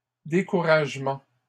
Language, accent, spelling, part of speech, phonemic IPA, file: French, Canada, découragements, noun, /de.ku.ʁaʒ.mɑ̃/, LL-Q150 (fra)-découragements.wav
- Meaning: plural of découragement